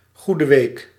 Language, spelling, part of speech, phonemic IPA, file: Dutch, Goede Week, noun, /ˌɣu.də ˈʋeːk/, Nl-Goede Week.ogg
- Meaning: Holy Week